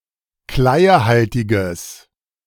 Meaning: strong/mixed nominative/accusative neuter singular of kleiehaltig
- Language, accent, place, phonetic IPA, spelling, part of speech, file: German, Germany, Berlin, [ˈklaɪ̯əˌhaltɪɡəs], kleiehaltiges, adjective, De-kleiehaltiges.ogg